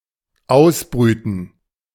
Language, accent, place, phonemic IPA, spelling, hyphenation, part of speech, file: German, Germany, Berlin, /ˈaʊ̯sˌbʁyːtn̩/, ausbrüten, aus‧brü‧ten, verb, De-ausbrüten.ogg
- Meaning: 1. to incubate, hatch 2. to hatch (e.g. a plan)